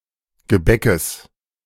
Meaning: genitive singular of Gebäck
- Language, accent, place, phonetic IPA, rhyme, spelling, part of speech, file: German, Germany, Berlin, [ɡəˈbɛkəs], -ɛkəs, Gebäckes, noun, De-Gebäckes.ogg